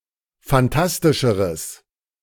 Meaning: strong/mixed nominative/accusative neuter singular comparative degree of fantastisch
- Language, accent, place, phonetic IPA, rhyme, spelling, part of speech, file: German, Germany, Berlin, [fanˈtastɪʃəʁəs], -astɪʃəʁəs, fantastischeres, adjective, De-fantastischeres.ogg